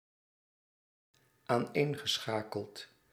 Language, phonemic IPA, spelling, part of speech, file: Dutch, /anˈenɣəˌsxakəlt/, aaneengeschakeld, adjective / verb, Nl-aaneengeschakeld.ogg
- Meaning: past participle of aaneenschakelen